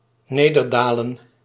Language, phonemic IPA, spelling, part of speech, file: Dutch, /ˈnedərdalən/, nederdalen, verb, Nl-nederdalen.ogg
- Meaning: alternative form of neerdalen